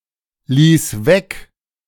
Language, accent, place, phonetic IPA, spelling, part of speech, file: German, Germany, Berlin, [ˌliːs ˈvɛk], ließ weg, verb, De-ließ weg.ogg
- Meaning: first/third-person singular preterite of weglassen